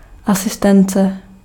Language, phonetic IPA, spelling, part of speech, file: Czech, [ˈasɪstɛnt͡sɛ], asistence, noun, Cs-asistence.ogg
- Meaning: assistance